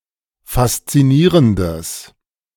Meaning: strong/mixed nominative/accusative neuter singular of faszinierend
- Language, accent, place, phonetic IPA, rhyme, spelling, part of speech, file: German, Germany, Berlin, [fast͡siˈniːʁəndəs], -iːʁəndəs, faszinierendes, adjective, De-faszinierendes.ogg